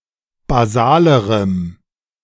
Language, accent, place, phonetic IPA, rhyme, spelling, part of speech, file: German, Germany, Berlin, [baˈzaːləʁəm], -aːləʁəm, basalerem, adjective, De-basalerem.ogg
- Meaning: strong dative masculine/neuter singular comparative degree of basal